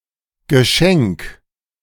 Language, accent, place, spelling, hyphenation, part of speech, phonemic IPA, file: German, Germany, Berlin, Geschenk, Ge‧schenk, noun, /ɡəˈʃɛŋk/, De-Geschenk.ogg
- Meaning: present, gift